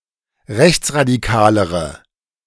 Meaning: inflection of rechtsradikal: 1. strong/mixed nominative/accusative feminine singular comparative degree 2. strong nominative/accusative plural comparative degree
- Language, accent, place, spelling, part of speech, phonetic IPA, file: German, Germany, Berlin, rechtsradikalere, adjective, [ˈʁɛçt͡sʁadiˌkaːləʁə], De-rechtsradikalere.ogg